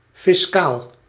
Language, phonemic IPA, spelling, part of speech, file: Dutch, /fɪsˈkal/, fiscaal, noun / adjective, Nl-fiscaal.ogg
- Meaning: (adjective) fiscal; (noun) fiscal (public prosecutor in tax cases)